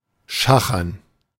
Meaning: to haggle
- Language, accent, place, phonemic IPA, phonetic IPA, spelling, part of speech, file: German, Germany, Berlin, /ˈʃaxəʁn/, [ˈʃa.χɐn], schachern, verb, De-schachern.ogg